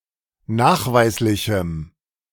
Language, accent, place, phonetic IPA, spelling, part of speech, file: German, Germany, Berlin, [ˈnaːxˌvaɪ̯slɪçm̩], nachweislichem, adjective, De-nachweislichem.ogg
- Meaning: strong dative masculine/neuter singular of nachweislich